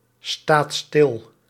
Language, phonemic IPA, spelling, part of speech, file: Dutch, /ˈstat ˈstɪl/, staat stil, verb, Nl-staat stil.ogg
- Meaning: inflection of stilstaan: 1. second/third-person singular present indicative 2. plural imperative